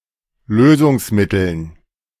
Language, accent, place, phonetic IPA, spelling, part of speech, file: German, Germany, Berlin, [ˈløːzʊŋsˌmɪtl̩n], Lösungsmitteln, noun, De-Lösungsmitteln.ogg
- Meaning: dative plural of Lösungsmittel